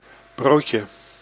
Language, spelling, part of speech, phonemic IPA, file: Dutch, broodje, noun, /ˈbroːtjə/, Nl-broodje.ogg
- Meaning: 1. diminutive of brood 2. sandwich or roll (shortened raised biscuit or bread)